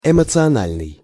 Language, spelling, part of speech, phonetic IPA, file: Russian, эмоциональный, adjective, [ɪmət͡sɨɐˈnalʲnɨj], Ru-эмоциональный.ogg
- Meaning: emotional